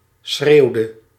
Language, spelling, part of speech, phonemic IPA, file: Dutch, schreeuwde, verb, /ˈsxreːu̯də/, Nl-schreeuwde.ogg
- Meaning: inflection of schreeuwen: 1. singular past indicative 2. singular past subjunctive